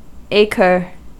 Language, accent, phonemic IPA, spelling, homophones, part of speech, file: English, US, /ˈeɪ.kɚ/, acre, acher, noun, En-us-acre.ogg
- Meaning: An English unit of land area (symbol: a. or ac.) originally denoting a day's ploughing for a yoke of oxen, now standardized as 4,840 square yards or 4,046.86 square metres